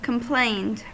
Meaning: simple past and past participle of complain
- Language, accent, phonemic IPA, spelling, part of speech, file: English, US, /kəmˈpleɪnd/, complained, verb, En-us-complained.ogg